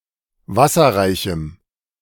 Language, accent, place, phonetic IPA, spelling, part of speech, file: German, Germany, Berlin, [ˈvasɐʁaɪ̯çm̩], wasserreichem, adjective, De-wasserreichem.ogg
- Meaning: strong dative masculine/neuter singular of wasserreich